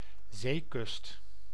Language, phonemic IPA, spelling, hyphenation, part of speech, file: Dutch, /ˈzeː.kʏst/, zeekust, zee‧kust, noun, Nl-zeekust.ogg
- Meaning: sea coast (marine shoreline)